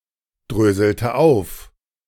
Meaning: inflection of aufdröseln: 1. first/third-person singular preterite 2. first/third-person singular subjunctive II
- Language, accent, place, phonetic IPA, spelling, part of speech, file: German, Germany, Berlin, [ˌdʁøːzl̩tə ˈaʊ̯f], dröselte auf, verb, De-dröselte auf.ogg